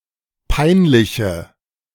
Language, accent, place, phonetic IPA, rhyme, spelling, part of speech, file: German, Germany, Berlin, [ˈpaɪ̯nˌlɪçə], -aɪ̯nlɪçə, peinliche, adjective, De-peinliche.ogg
- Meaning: inflection of peinlich: 1. strong/mixed nominative/accusative feminine singular 2. strong nominative/accusative plural 3. weak nominative all-gender singular